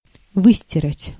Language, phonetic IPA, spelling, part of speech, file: Russian, [ˈvɨsʲtʲɪrətʲ], выстирать, verb, Ru-выстирать.ogg
- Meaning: to wash, to launder